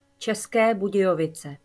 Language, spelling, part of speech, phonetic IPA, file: Czech, České Budějovice, proper noun, [t͡ʃɛskɛː buɟɛjovɪt͡sɛ], Cs České Budějovice.ogg
- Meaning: České Budějovice (a city in the South Bohemian Region, Czech Republic)